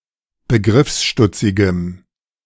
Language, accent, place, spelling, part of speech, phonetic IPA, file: German, Germany, Berlin, begriffsstutzigem, adjective, [bəˈɡʁɪfsˌʃtʊt͡sɪɡəm], De-begriffsstutzigem.ogg
- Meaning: strong dative masculine/neuter singular of begriffsstutzig